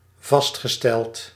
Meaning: past participle of vaststellen
- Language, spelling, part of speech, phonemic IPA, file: Dutch, vastgesteld, adjective / verb, /ˈvɑs(t)xəˌstɛlt/, Nl-vastgesteld.ogg